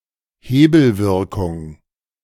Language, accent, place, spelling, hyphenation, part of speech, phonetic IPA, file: German, Germany, Berlin, Hebelwirkung, He‧bel‧wir‧kung, noun, [ˈheːbl̩ˌvɪʁkʊŋ], De-Hebelwirkung.ogg
- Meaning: 1. leverage 2. leverage (the use of borrowed capital or financial instruments, such as derivatives, to increase the potential return of an investment)